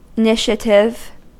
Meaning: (adjective) 1. Serving to initiate 2. In which voter initiatives can be brought to the ballot; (noun) A beginning; a first move
- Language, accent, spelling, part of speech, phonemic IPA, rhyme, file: English, US, initiative, adjective / noun, /ɪˈnɪʃ.ə.tɪv/, -ɪʃətɪv, En-us-initiative.ogg